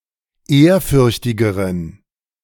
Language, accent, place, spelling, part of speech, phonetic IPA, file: German, Germany, Berlin, ehrfürchtigeren, adjective, [ˈeːɐ̯ˌfʏʁçtɪɡəʁən], De-ehrfürchtigeren.ogg
- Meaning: inflection of ehrfürchtig: 1. strong genitive masculine/neuter singular comparative degree 2. weak/mixed genitive/dative all-gender singular comparative degree